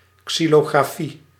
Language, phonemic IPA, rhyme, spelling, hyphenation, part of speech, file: Dutch, /ˌksi.loː.ɣraːˈfi/, -i, xylografie, xy‧lo‧gra‧fie, noun, Nl-xylografie.ogg
- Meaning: xylography (art of making xylographs)